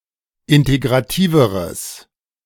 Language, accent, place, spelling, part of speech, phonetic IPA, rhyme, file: German, Germany, Berlin, integrativeres, adjective, [ˌɪnteɡʁaˈtiːvəʁəs], -iːvəʁəs, De-integrativeres.ogg
- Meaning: strong/mixed nominative/accusative neuter singular comparative degree of integrativ